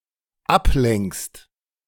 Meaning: second-person singular dependent present of ablenken
- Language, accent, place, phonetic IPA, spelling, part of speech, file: German, Germany, Berlin, [ˈapˌlɛŋkst], ablenkst, verb, De-ablenkst.ogg